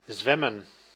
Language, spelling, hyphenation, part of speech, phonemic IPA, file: Dutch, zwemmen, zwem‧men, verb, /ˈzʋɛ.mə(n)/, Nl-zwemmen.ogg
- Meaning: to swim